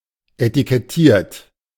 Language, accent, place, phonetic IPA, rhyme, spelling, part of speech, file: German, Germany, Berlin, [etikɛˈtiːɐ̯t], -iːɐ̯t, etikettiert, verb, De-etikettiert.ogg
- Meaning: 1. past participle of etikettieren 2. inflection of etikettieren: third-person singular present 3. inflection of etikettieren: second-person plural present